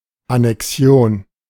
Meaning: annexation
- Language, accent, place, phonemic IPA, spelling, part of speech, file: German, Germany, Berlin, /anɛkˈsjoːn/, Annexion, noun, De-Annexion.ogg